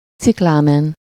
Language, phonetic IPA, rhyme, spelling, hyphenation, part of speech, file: Hungarian, [ˈt͡siklaːmɛn], -ɛn, ciklámen, cik‧lá‧men, adjective / noun, Hu-ciklámen.ogg
- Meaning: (adjective) cyclamen (having a bright deep pink colour); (noun) cyclamen